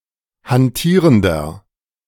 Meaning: inflection of hantierend: 1. strong/mixed nominative masculine singular 2. strong genitive/dative feminine singular 3. strong genitive plural
- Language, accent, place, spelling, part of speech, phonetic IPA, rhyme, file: German, Germany, Berlin, hantierender, adjective, [hanˈtiːʁəndɐ], -iːʁəndɐ, De-hantierender.ogg